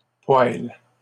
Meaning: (noun) plural of poêle; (verb) second-person singular present indicative/subjunctive of poêler
- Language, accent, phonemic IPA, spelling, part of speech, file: French, Canada, /pwal/, poêles, noun / verb, LL-Q150 (fra)-poêles.wav